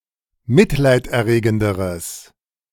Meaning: strong/mixed nominative/accusative neuter singular comparative degree of mitleiderregend
- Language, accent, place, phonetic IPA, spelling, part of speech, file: German, Germany, Berlin, [ˈmɪtlaɪ̯tʔɛɐ̯ˌʁeːɡn̩dəʁəs], mitleiderregenderes, adjective, De-mitleiderregenderes.ogg